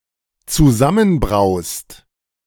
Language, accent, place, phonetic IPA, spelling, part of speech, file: German, Germany, Berlin, [t͡suˈzamənˌbʁaʊ̯st], zusammenbraust, verb, De-zusammenbraust.ogg
- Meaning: second-person singular dependent present of zusammenbrauen